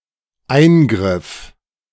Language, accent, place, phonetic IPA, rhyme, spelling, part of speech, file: German, Germany, Berlin, [ˈaɪ̯nˌɡʁɪf], -aɪ̯nɡʁɪf, eingriff, verb, De-eingriff.ogg
- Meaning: first/third-person singular dependent preterite of eingreifen